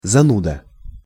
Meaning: 1. bore, spoilsport, pain in the ass 2. nerd
- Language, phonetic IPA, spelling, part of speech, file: Russian, [zɐˈnudə], зануда, noun, Ru-зануда.ogg